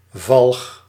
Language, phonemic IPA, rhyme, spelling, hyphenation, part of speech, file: Dutch, /vɑlx/, -ɑlx, valg, valg, noun, Nl-valg.ogg
- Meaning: fallow